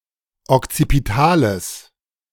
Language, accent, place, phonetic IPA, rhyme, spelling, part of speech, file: German, Germany, Berlin, [ɔkt͡sipiˈtaːləs], -aːləs, okzipitales, adjective, De-okzipitales.ogg
- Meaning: strong/mixed nominative/accusative neuter singular of okzipital